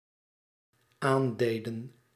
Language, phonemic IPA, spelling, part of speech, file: Dutch, /ˈandedə(n)/, aandeden, verb, Nl-aandeden.ogg
- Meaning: inflection of aandoen: 1. plural dependent-clause past indicative 2. plural dependent-clause past subjunctive